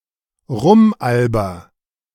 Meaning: inflection of rumalbern: 1. first-person singular present 2. singular imperative
- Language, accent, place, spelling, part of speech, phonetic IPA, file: German, Germany, Berlin, rumalber, verb, [ˈʁʊmˌʔalbɐ], De-rumalber.ogg